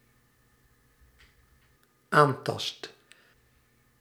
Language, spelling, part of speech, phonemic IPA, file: Dutch, aantast, verb, /ˈantɑst/, Nl-aantast.ogg
- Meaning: first/second/third-person singular dependent-clause present indicative of aantasten